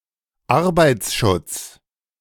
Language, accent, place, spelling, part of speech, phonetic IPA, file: German, Germany, Berlin, Arbeitsschutz, noun, [ˈaʁbaɪ̯t͡sˌʃʊt͡s], De-Arbeitsschutz.ogg
- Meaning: industrial / occupational safety